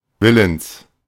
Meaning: willing, ready, prepared
- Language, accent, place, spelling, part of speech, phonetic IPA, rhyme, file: German, Germany, Berlin, willens, adjective, [ˈvɪləns], -ɪləns, De-willens.ogg